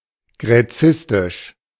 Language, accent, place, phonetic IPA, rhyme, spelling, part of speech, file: German, Germany, Berlin, [ɡʁɛˈt͡sɪstɪʃ], -ɪstɪʃ, gräzistisch, adjective, De-gräzistisch.ogg
- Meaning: of Gräzistik (Ancient Greece studies)